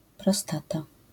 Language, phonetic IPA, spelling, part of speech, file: Polish, [prɔˈstata], prostata, noun, LL-Q809 (pol)-prostata.wav